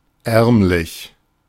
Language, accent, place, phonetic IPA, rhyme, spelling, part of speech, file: German, Germany, Berlin, [ˈɛʁmˌlɪç], -ɛʁmlɪç, ärmlich, adjective, De-ärmlich.ogg
- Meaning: poor, meager, humble